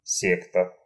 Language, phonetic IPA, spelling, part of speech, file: Russian, [ˈsʲektə], секта, noun, Ru-секта.ogg
- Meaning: 1. a sect, a religious group professing beliefs outside the accepted norm 2. a cult, a group, often isolated from others, professing narrow, idiosyncratic views or interests